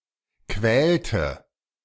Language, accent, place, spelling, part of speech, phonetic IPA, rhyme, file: German, Germany, Berlin, quälte, verb, [ˈkvɛːltə], -ɛːltə, De-quälte.ogg
- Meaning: inflection of quälen: 1. first/third-person singular preterite 2. first/third-person singular subjunctive II